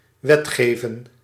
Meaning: to legislate, make (a) law(s)
- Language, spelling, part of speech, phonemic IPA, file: Dutch, wetgeven, verb, /ˈwɛtxevə(n)/, Nl-wetgeven.ogg